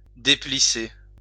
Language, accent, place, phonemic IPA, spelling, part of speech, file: French, France, Lyon, /de.pli.se/, déplisser, verb, LL-Q150 (fra)-déplisser.wav
- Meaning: to unwrinkle